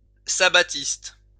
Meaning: related to Sabbatarianism
- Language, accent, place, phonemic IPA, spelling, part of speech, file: French, France, Lyon, /sa.ba.tist/, sabbatiste, adjective, LL-Q150 (fra)-sabbatiste.wav